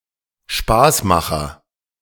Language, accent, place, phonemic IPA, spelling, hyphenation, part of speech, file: German, Germany, Berlin, /ˈʃpaːsˌmaxɐ/, Spaßmacher, Spaß‧ma‧cher, noun, De-Spaßmacher.ogg
- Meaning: jester